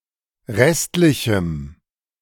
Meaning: strong dative masculine/neuter singular of restlich
- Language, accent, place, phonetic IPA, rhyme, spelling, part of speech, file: German, Germany, Berlin, [ˈʁɛstlɪçm̩], -ɛstlɪçm̩, restlichem, adjective, De-restlichem.ogg